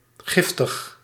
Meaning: poisonous, venomous, toxic
- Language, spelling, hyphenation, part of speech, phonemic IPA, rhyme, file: Dutch, giftig, gif‧tig, adjective, /ˈɣɪf.təx/, -ɪftəx, Nl-giftig.ogg